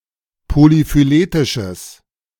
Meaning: strong/mixed nominative/accusative neuter singular of polyphyletisch
- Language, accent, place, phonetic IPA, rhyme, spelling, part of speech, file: German, Germany, Berlin, [polifyˈleːtɪʃəs], -eːtɪʃəs, polyphyletisches, adjective, De-polyphyletisches.ogg